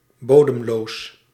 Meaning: bottomless
- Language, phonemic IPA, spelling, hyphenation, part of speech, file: Dutch, /ˈboː.dəmˌloːs/, bodemloos, bo‧dem‧loos, adjective, Nl-bodemloos.ogg